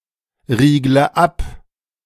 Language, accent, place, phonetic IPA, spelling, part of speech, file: German, Germany, Berlin, [ˌʁiːɡlə ˈap], riegle ab, verb, De-riegle ab.ogg
- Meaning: inflection of abriegeln: 1. first-person singular present 2. first/third-person singular subjunctive I 3. singular imperative